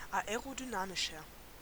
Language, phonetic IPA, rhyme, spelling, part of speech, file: German, [aeʁodyˈnaːmɪʃɐ], -aːmɪʃɐ, aerodynamischer, adjective, De-aerodynamischer.ogg
- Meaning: 1. comparative degree of aerodynamisch 2. inflection of aerodynamisch: strong/mixed nominative masculine singular 3. inflection of aerodynamisch: strong genitive/dative feminine singular